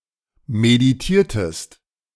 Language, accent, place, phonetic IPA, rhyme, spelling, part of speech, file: German, Germany, Berlin, [mediˈtiːɐ̯təst], -iːɐ̯təst, meditiertest, verb, De-meditiertest.ogg
- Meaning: inflection of meditieren: 1. second-person singular preterite 2. second-person singular subjunctive II